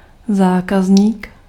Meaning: customer
- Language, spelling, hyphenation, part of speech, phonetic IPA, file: Czech, zákazník, zá‧kaz‧ník, noun, [ˈzaːkazɲiːk], Cs-zákazník.ogg